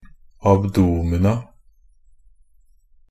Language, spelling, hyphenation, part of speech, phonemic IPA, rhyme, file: Norwegian Bokmål, abdomina, ab‧do‧mi‧na, noun, /abˈduːmɪna/, -ɪna, NB - Pronunciation of Norwegian Bokmål «abdomina».ogg
- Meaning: indefinite plural of abdomen